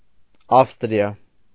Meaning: Austria (a country in Central Europe)
- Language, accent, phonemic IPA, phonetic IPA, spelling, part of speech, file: Armenian, Eastern Armenian, /ˈɑfstɾiɑ/, [ɑ́fstɾjɑ], Ավստրիա, proper noun, Hy-Ավստրիա.ogg